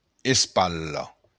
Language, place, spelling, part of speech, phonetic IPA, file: Occitan, Béarn, espatla, noun, [esˈpallo], LL-Q14185 (oci)-espatla.wav
- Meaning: shoulder